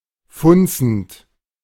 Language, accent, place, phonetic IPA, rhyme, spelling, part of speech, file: German, Germany, Berlin, [ˈfʊnt͡sn̩t], -ʊnt͡sn̩t, funzend, verb, De-funzend.ogg
- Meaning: present participle of funzen